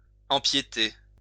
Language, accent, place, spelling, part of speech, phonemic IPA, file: French, France, Lyon, empiéter, verb, /ɑ̃.pje.te/, LL-Q150 (fra)-empiéter.wav
- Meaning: to encroach, impinge